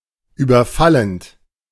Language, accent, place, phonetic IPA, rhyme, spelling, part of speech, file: German, Germany, Berlin, [ˌyːbɐˈfalənt], -alənt, überfallend, verb, De-überfallend.ogg
- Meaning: present participle of überfallen